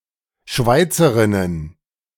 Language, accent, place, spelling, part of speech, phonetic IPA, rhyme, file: German, Germany, Berlin, Schweizerinnen, noun, [ˈʃvaɪ̯t͡səʁɪnən], -aɪ̯t͡səʁɪnən, De-Schweizerinnen.ogg
- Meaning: plural of Schweizerin